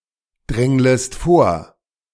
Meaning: second-person singular subjunctive I of vordrängeln
- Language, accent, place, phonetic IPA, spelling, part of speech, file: German, Germany, Berlin, [ˌdʁɛŋləst ˈfoːɐ̯], dränglest vor, verb, De-dränglest vor.ogg